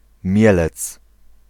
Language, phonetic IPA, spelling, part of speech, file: Polish, [ˈmʲjɛlɛt͡s], Mielec, proper noun, Pl-Mielec.ogg